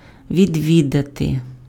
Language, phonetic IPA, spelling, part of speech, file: Ukrainian, [ʋʲidʲˈʋʲidɐte], відвідати, verb, Uk-відвідати.ogg
- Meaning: 1. to visit 2. to attend